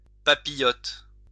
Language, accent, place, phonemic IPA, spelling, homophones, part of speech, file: French, France, Lyon, /pa.pi.jɔt/, papillote, papillotent / papillotes, noun / verb, LL-Q150 (fra)-papillote.wav
- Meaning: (noun) 1. papillote (wrapper for food during cooking) 2. dish prepared in such a way 3. papillote, curlpaper (small piece of paper used to make curled hair)